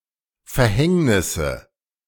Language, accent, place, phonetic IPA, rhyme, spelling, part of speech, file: German, Germany, Berlin, [fɛɐ̯ˈhɛŋnɪsə], -ɛŋnɪsə, Verhängnisse, noun, De-Verhängnisse.ogg
- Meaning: nominative/accusative/genitive plural of Verhängnis